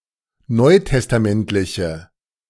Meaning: inflection of neutestamentlich: 1. strong/mixed nominative/accusative feminine singular 2. strong nominative/accusative plural 3. weak nominative all-gender singular
- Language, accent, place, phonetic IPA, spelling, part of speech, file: German, Germany, Berlin, [ˈnɔɪ̯tɛstaˌmɛntlɪçə], neutestamentliche, adjective, De-neutestamentliche.ogg